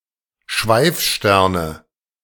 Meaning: nominative/accusative/genitive plural of Schweifstern
- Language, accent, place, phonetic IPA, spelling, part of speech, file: German, Germany, Berlin, [ˈʃvaɪ̯fˌʃtɛʁnə], Schweifsterne, noun, De-Schweifsterne.ogg